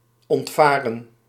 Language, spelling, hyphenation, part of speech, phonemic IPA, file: Dutch, ontvaren, ont‧va‧ren, verb, /ˌɔntˈvaː.rə(n)/, Nl-ontvaren.ogg
- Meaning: 1. to escape, flee 2. to sail away, to escape by sailing